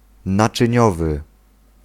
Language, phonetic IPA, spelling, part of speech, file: Polish, [ˌnat͡ʃɨ̃ˈɲɔvɨ], naczyniowy, adjective, Pl-naczyniowy.ogg